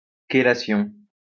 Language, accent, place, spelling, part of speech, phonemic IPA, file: French, France, Lyon, chélation, noun, /ke.la.sjɔ̃/, LL-Q150 (fra)-chélation.wav
- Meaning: chelation